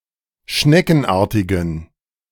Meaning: inflection of schneckenartig: 1. strong genitive masculine/neuter singular 2. weak/mixed genitive/dative all-gender singular 3. strong/weak/mixed accusative masculine singular 4. strong dative plural
- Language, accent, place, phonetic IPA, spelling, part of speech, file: German, Germany, Berlin, [ˈʃnɛkn̩ˌʔaːɐ̯tɪɡn̩], schneckenartigen, adjective, De-schneckenartigen.ogg